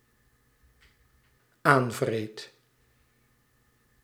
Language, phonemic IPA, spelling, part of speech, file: Dutch, /ˈaɱvrɛt/, aanvreet, verb, Nl-aanvreet.ogg
- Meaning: first/second/third-person singular dependent-clause present indicative of aanvreten